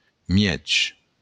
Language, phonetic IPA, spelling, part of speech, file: Occitan, [ˈmjɛtʃ], mièg, adjective, LL-Q942602-mièg.wav
- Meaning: half